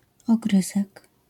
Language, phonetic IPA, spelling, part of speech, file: Polish, [ɔˈɡrɨzɛk], ogryzek, noun, LL-Q809 (pol)-ogryzek.wav